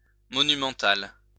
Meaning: monumental
- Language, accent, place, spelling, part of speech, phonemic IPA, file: French, France, Lyon, monumental, adjective, /mɔ.ny.mɑ̃.tal/, LL-Q150 (fra)-monumental.wav